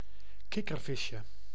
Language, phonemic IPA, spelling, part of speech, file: Dutch, /ˈkɪkərˌvɪʃə/, kikkervisje, noun, Nl-kikkervisje.ogg
- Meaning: tadpole